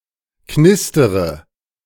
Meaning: inflection of knistern: 1. first-person singular present 2. first/third-person singular subjunctive I 3. singular imperative
- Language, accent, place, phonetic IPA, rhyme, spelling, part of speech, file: German, Germany, Berlin, [ˈknɪstəʁə], -ɪstəʁə, knistere, verb, De-knistere.ogg